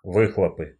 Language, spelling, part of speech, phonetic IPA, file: Russian, выхлопы, noun, [ˈvɨxɫəpɨ], Ru-выхлопы.ogg
- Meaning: nominative/accusative plural of вы́хлоп (výxlop)